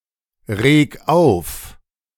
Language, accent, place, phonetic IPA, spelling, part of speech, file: German, Germany, Berlin, [ˌʁeːk ˈaʊ̯f], reg auf, verb, De-reg auf.ogg
- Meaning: 1. singular imperative of aufregen 2. first-person singular present of aufregen